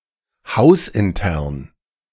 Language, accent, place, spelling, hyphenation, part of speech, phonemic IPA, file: German, Germany, Berlin, hausintern, haus‧in‧tern, adjective, /ˈhaʊ̯sʔɪnˌtɛʁn/, De-hausintern.ogg
- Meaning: in house